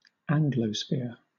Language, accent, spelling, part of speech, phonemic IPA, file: English, Southern England, Anglosphere, proper noun, /ˈæŋ.ɡləˌsfɪɹ/, LL-Q1860 (eng)-Anglosphere.wav
- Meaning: The totality of Anglophone countries, the geographical or cultural realm of native English-speakers